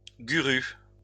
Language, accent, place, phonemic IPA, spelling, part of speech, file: French, France, Lyon, /ɡu.ʁu/, guru, noun, LL-Q150 (fra)-guru.wav
- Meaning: alternative spelling of gourou